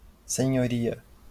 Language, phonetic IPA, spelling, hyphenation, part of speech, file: Portuguese, [sẽ.j̃oˈɾi.ɐ], senhoria, se‧nho‧ri‧a, noun, LL-Q5146 (por)-senhoria.wav
- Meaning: 1. landlady 2. female equivalent of senhorio